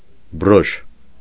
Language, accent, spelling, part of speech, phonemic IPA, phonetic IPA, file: Armenian, Eastern Armenian, բրոշ, noun, /bəˈɾoʃ/, [bəɾóʃ], Hy-բրոշ.ogg
- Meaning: brooch